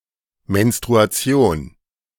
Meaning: menstruation
- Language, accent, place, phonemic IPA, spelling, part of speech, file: German, Germany, Berlin, /mɛnstʁuaˈtsjoːn/, Menstruation, noun, De-Menstruation.ogg